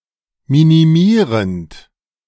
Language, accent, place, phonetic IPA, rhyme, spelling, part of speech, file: German, Germany, Berlin, [ˌminiˈmiːʁənt], -iːʁənt, minimierend, verb, De-minimierend.ogg
- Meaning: present participle of minimieren